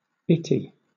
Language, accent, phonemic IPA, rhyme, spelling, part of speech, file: English, Southern England, /ˈɪti/, -ɪti, itty, adjective, LL-Q1860 (eng)-itty.wav
- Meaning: Extremely small; itty-bitty